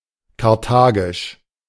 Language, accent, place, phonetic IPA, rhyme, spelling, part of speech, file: German, Germany, Berlin, [kaʁˈtaːɡɪʃ], -aːɡɪʃ, karthagisch, adjective, De-karthagisch.ogg
- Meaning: of Carthage; Carthaginian